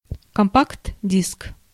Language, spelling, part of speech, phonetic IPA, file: Russian, компакт-диск, noun, [kɐmˌpaɡd ˈdʲisk], Ru-компакт-диск.ogg
- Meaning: compact disc (CD)